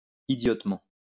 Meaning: idiotically
- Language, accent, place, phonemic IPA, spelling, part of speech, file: French, France, Lyon, /i.djɔt.mɑ̃/, idiotement, adverb, LL-Q150 (fra)-idiotement.wav